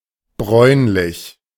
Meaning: brownish
- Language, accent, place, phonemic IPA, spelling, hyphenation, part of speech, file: German, Germany, Berlin, /ˈbʁɔɪ̯nlɪç/, bräunlich, bräun‧lich, adjective, De-bräunlich.ogg